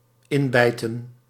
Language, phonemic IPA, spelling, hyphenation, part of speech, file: Dutch, /ˈɪnˌbɛi̯.tə(n)/, inbijten, in‧bij‧ten, verb, Nl-inbijten.ogg
- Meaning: to corrode, to erode